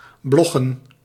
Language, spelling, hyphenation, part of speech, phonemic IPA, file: Dutch, bloggen, blog‧gen, verb, /ˈblɔ.ɣə(n)/, Nl-bloggen.ogg
- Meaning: to blog (to keep a weblog)